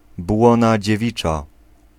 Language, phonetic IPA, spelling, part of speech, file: Polish, [ˈbwɔ̃na d͡ʑɛˈvʲit͡ʃa], błona dziewicza, noun, Pl-błona dziewicza.ogg